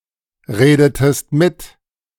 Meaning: inflection of mitreden: 1. second-person singular preterite 2. second-person singular subjunctive II
- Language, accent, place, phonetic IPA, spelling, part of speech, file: German, Germany, Berlin, [ˌʁeːdətəst ˈmɪt], redetest mit, verb, De-redetest mit.ogg